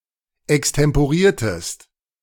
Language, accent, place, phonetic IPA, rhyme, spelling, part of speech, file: German, Germany, Berlin, [ɛkstɛmpoˈʁiːɐ̯təst], -iːɐ̯təst, extemporiertest, verb, De-extemporiertest.ogg
- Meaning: inflection of extemporieren: 1. second-person singular preterite 2. second-person singular subjunctive II